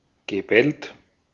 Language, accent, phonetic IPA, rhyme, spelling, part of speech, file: German, Austria, [ɡəˈbɛlt], -ɛlt, gebellt, verb, De-at-gebellt.ogg
- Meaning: past participle of bellen